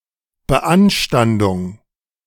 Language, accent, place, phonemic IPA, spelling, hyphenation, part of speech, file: German, Germany, Berlin, /bəˈʔanʃtandʊŋ/, Beanstandung, Be‧an‧stan‧dung, noun, De-Beanstandung.ogg
- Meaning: complaint, objection